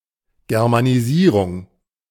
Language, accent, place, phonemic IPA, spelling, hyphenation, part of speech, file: German, Germany, Berlin, /ɡɛʀmaniˈziːʀʊŋ/, Germanisierung, Ger‧ma‧ni‧sie‧rung, noun, De-Germanisierung.ogg
- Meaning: Germanisation